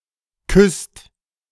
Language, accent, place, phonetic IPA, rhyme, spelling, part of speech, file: German, Germany, Berlin, [kʏst], -ʏst, küsst, verb, De-küsst.ogg
- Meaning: inflection of küssen: 1. second/third-person singular present 2. second-person plural present 3. plural imperative